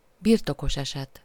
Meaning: genitive, genitive case; possessive, possessive case
- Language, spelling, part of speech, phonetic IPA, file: Hungarian, birtokos eset, noun, [ˈbirtokoʃɛʃɛt], Hu-birtokos eset.ogg